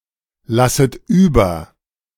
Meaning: second-person plural subjunctive I of überlassen
- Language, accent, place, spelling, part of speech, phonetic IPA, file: German, Germany, Berlin, lasset über, verb, [ˌlasət ˈyːbɐ], De-lasset über.ogg